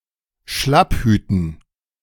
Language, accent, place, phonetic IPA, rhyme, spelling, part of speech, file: German, Germany, Berlin, [ˈʃlapˌhyːtn̩], -aphyːtn̩, Schlapphüten, noun, De-Schlapphüten.ogg
- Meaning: dative plural of Schlapphut